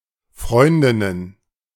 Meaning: plural of Freundin
- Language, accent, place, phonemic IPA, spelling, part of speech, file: German, Germany, Berlin, /ˈfʁɔʏ̯ndɪnən/, Freundinnen, noun, De-Freundinnen.ogg